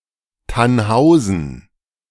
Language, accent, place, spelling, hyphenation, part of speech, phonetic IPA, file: German, Germany, Berlin, Thannhausen, Thann‧hau‧sen, proper noun, [ˈtanˌhaʊ̯zn̩], De-Thannhausen.ogg
- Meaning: 1. a municipality of Günzburg district, Swabia, Bavaria, Germany 2. a municipality of Styria, Austria 3. Any of a number of smaller places in Bavaria